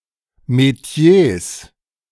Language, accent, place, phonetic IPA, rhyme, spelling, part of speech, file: German, Germany, Berlin, [meˈti̯eːs], -eːs, Metiers, noun, De-Metiers.ogg
- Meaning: 1. genitive singular of Metier 2. plural of Metier